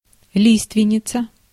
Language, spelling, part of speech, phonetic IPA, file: Russian, лиственница, noun, [ˈlʲistvʲɪnʲ(ː)ɪt͡sə], Ru-лиственница.ogg
- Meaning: larch